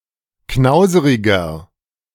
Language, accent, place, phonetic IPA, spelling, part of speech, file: German, Germany, Berlin, [ˈknaʊ̯zəʁɪɡɐ], knauseriger, adjective, De-knauseriger.ogg
- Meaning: 1. comparative degree of knauserig 2. inflection of knauserig: strong/mixed nominative masculine singular 3. inflection of knauserig: strong genitive/dative feminine singular